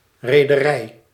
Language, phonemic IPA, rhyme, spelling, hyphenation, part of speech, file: Dutch, /ˌreː.dəˈrɛi̯/, -ɛi̯, rederij, re‧de‧rij, noun, Nl-rederij.ogg
- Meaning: shipping company